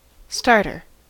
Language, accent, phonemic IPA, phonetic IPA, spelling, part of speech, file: English, US, /ˈstɑɹ.tɚ/, [ˈstɑɹ.ɾɚ], starter, noun, En-us-starter.ogg
- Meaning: 1. Someone who starts, or who starts something 2. Someone who starts, or who starts something.: The person who starts a race by firing a gun or waving a flag